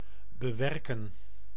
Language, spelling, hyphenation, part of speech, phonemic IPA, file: Dutch, bewerken, be‧wer‧ken, verb, /bəˈʋɛrkə(n)/, Nl-bewerken.ogg
- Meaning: 1. to work 2. to work on, to till 3. to edit, to rework 4. to manipulate, to try change opinion